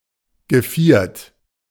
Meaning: 1. square 2. quad, quadrat; (usually) em quad
- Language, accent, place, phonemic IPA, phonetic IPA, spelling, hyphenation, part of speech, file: German, Germany, Berlin, /ɡəˈfiːɐ̯t/, [ɡəˈfiːɐ̯t], Geviert, Ge‧viert, noun, De-Geviert.ogg